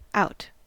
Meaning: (adverb) 1. Away from the inside or centre 2. Away from, or at a distance from, some point of reference or focus
- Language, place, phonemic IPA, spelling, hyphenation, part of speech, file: English, California, /ˈaʊ̯t/, out, out, adverb / preposition / noun / verb / adjective / interjection, En-us-out.ogg